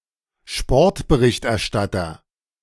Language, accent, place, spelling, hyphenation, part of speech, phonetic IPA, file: German, Germany, Berlin, Sportberichterstatter, Sport‧be‧richt‧er‧stat‧ter, noun, [ˈʃpɔɐ̯tbəˈʁɪçtʔɛɐ̯ˌʃtatɐ], De-Sportberichterstatter.ogg
- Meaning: sport reporter